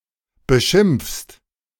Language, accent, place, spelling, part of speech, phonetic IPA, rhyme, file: German, Germany, Berlin, beschimpfst, verb, [bəˈʃɪmp͡fst], -ɪmp͡fst, De-beschimpfst.ogg
- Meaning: second-person singular present of beschimpfen